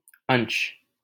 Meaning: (noun) 1. part, portion 2. degree 3. amount; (proper noun) a male given name, Ansh, from Sanskrit
- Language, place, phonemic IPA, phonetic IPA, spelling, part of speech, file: Hindi, Delhi, /ənʃ/, [ɐ̃ɲʃ], अंश, noun / proper noun, LL-Q1568 (hin)-अंश.wav